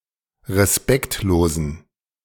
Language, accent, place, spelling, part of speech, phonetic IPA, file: German, Germany, Berlin, respektlosen, adjective, [ʁeˈspɛktloːzn̩], De-respektlosen.ogg
- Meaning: inflection of respektlos: 1. strong genitive masculine/neuter singular 2. weak/mixed genitive/dative all-gender singular 3. strong/weak/mixed accusative masculine singular 4. strong dative plural